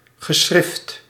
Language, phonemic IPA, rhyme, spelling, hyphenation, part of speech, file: Dutch, /ɣəˈsxrɪft/, -ɪft, geschrift, ge‧schrift, noun, Nl-geschrift.ogg
- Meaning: writing